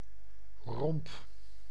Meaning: 1. trunk, torso 2. hull
- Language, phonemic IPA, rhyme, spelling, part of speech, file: Dutch, /rɔmp/, -ɔmp, romp, noun, Nl-romp.ogg